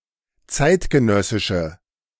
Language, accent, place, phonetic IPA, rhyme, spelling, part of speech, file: German, Germany, Berlin, [ˈt͡saɪ̯tɡəˌnœsɪʃə], -aɪ̯tɡənœsɪʃə, zeitgenössische, adjective, De-zeitgenössische.ogg
- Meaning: inflection of zeitgenössisch: 1. strong/mixed nominative/accusative feminine singular 2. strong nominative/accusative plural 3. weak nominative all-gender singular